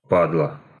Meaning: 1. inflection of па́дло (pádlo): genitive singular 2. inflection of па́дло (pádlo): nominative plural 3. bitch; vile, disgusting person
- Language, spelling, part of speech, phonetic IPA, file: Russian, падла, noun, [ˈpadɫə], Ru-падла.ogg